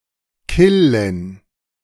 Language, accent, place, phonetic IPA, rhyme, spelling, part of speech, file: German, Germany, Berlin, [ˈkɪlən], -ɪlən, killen, verb, De-killen.ogg
- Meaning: 1. to kill 2. to shiver